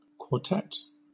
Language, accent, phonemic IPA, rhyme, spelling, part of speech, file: English, Southern England, /kwɔː(ɹ)ˈtɛt/, -ɛt, quartet, noun, LL-Q1860 (eng)-quartet.wav
- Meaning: 1. A group of four people or things, particularly 2. A group of four people or things, particularly: A group of four musicians who perform classical music together